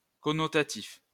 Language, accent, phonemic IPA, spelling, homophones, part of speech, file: French, France, /kɔ.nɔ.ta.tif/, connotatif, connotatifs, adjective, LL-Q150 (fra)-connotatif.wav
- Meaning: connotative